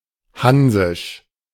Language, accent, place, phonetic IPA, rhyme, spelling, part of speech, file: German, Germany, Berlin, [ˈhanzɪʃ], -anzɪʃ, hansisch, adjective, De-hansisch.ogg
- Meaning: Hanseatic